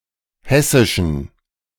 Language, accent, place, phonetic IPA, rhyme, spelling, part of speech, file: German, Germany, Berlin, [ˈhɛsɪʃn̩], -ɛsɪʃn̩, hessischen, adjective, De-hessischen.ogg
- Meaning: inflection of hessisch: 1. strong genitive masculine/neuter singular 2. weak/mixed genitive/dative all-gender singular 3. strong/weak/mixed accusative masculine singular 4. strong dative plural